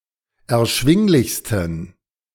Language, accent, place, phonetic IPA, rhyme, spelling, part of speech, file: German, Germany, Berlin, [ɛɐ̯ˈʃvɪŋlɪçstn̩], -ɪŋlɪçstn̩, erschwinglichsten, adjective, De-erschwinglichsten.ogg
- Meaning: 1. superlative degree of erschwinglich 2. inflection of erschwinglich: strong genitive masculine/neuter singular superlative degree